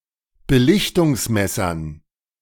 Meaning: dative plural of Belichtungsmesser
- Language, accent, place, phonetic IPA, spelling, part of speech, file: German, Germany, Berlin, [bəˈlɪçtʊŋsˌmɛsɐn], Belichtungsmessern, noun, De-Belichtungsmessern.ogg